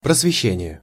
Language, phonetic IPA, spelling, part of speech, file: Russian, [prəsvʲɪˈɕːenʲɪje], просвещение, noun, Ru-просвещение.ogg
- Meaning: enlightenment; education